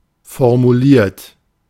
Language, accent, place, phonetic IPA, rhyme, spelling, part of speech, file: German, Germany, Berlin, [fɔʁmuˈliːɐ̯t], -iːɐ̯t, formuliert, verb, De-formuliert.ogg
- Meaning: 1. past participle of formulieren 2. inflection of formulieren: third-person singular present 3. inflection of formulieren: second-person plural present 4. inflection of formulieren: plural imperative